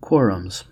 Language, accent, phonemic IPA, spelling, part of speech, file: English, US, /ˈkwɔːɹ.əmz/, quorums, noun, En-us-quorums.ogg
- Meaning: plural of quorum